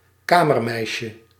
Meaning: chambermaid
- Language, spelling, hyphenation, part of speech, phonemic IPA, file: Dutch, kamermeisje, ka‧mer‧meis‧je, noun, /ˈkaː.mərˌmɛi̯.ʃə/, Nl-kamermeisje.ogg